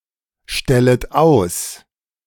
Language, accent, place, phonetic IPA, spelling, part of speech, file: German, Germany, Berlin, [ˌʃtɛlət ˈaʊ̯s], stellet aus, verb, De-stellet aus.ogg
- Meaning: second-person plural subjunctive I of ausstellen